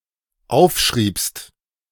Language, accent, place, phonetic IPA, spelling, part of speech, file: German, Germany, Berlin, [ˈaʊ̯fˌʃʁiːpst], aufschriebst, verb, De-aufschriebst.ogg
- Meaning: second-person singular dependent preterite of aufschreiben